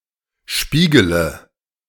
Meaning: inflection of spiegeln: 1. first-person singular present 2. first/third-person singular subjunctive I 3. singular imperative
- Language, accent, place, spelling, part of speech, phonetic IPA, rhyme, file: German, Germany, Berlin, spiegele, verb, [ˈʃpiːɡələ], -iːɡələ, De-spiegele.ogg